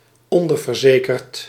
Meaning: underinsured (having insufficient insurance)
- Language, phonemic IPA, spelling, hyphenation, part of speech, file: Dutch, /ˈɔn.dər.vərˌzeː.kərt/, onderverzekerd, on‧der‧ver‧ze‧kerd, adjective, Nl-onderverzekerd.ogg